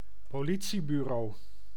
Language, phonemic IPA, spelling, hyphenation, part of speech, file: Dutch, /poːˈli.(t)si.byˌroː/, politiebureau, po‧li‧tie‧bu‧reau, noun, Nl-politiebureau.ogg
- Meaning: police station